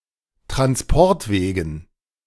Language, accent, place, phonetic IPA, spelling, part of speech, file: German, Germany, Berlin, [tʁansˈpɔʁtˌveːɡn̩], Transportwegen, noun, De-Transportwegen.ogg
- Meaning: dative plural of Transportweg